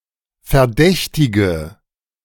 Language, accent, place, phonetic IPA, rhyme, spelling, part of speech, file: German, Germany, Berlin, [fɛɐ̯ˈdɛçtɪɡə], -ɛçtɪɡə, verdächtige, adjective / verb, De-verdächtige.ogg
- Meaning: inflection of verdächtigen: 1. first-person singular present 2. singular imperative 3. first/third-person singular subjunctive I